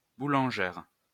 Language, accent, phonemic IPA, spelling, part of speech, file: French, France, /bu.lɑ̃.ʒɛʁ/, boulangère, noun, LL-Q150 (fra)-boulangère.wav
- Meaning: female equivalent of boulanger